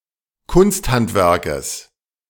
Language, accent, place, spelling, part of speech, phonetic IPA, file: German, Germany, Berlin, Kunsthandwerkes, noun, [ˈkʊnstˌhantvɛʁkəs], De-Kunsthandwerkes.ogg
- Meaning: genitive singular of Kunsthandwerk